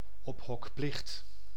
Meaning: requirement to keep any livestock or pets indoors, as a reverse quarantine to prevent contamination fe. in case of epidemics
- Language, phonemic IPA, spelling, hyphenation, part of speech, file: Dutch, /ˈɔp.ɦɔkˌplɪxt/, ophokplicht, op‧hok‧plicht, noun, Nl-ophokplicht.ogg